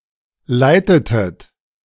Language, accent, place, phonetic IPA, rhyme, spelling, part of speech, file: German, Germany, Berlin, [ˈlaɪ̯tətət], -aɪ̯tətət, leitetet, verb, De-leitetet.ogg
- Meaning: inflection of leiten: 1. second-person plural preterite 2. second-person plural subjunctive II